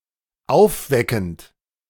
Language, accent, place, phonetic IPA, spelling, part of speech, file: German, Germany, Berlin, [ˈaʊ̯fˌvɛkn̩t], aufweckend, verb, De-aufweckend.ogg
- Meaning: present participle of aufwecken